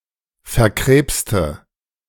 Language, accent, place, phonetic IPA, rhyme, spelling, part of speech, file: German, Germany, Berlin, [fɛɐ̯ˈkʁeːpstə], -eːpstə, verkrebste, adjective, De-verkrebste.ogg
- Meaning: inflection of verkrebst: 1. strong/mixed nominative/accusative feminine singular 2. strong nominative/accusative plural 3. weak nominative all-gender singular